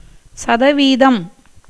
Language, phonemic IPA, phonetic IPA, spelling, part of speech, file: Tamil, /tʃɐd̪ɐʋiːd̪ɐm/, [sɐd̪ɐʋiːd̪ɐm], சதவீதம், noun, Ta-சதவீதம்.ogg
- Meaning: percent